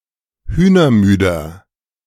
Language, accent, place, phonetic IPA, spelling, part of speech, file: German, Germany, Berlin, [ˈhyːnɐˌmyːdɐ], hühnermüder, adjective, De-hühnermüder.ogg
- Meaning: inflection of hühnermüde: 1. strong/mixed nominative masculine singular 2. strong genitive/dative feminine singular 3. strong genitive plural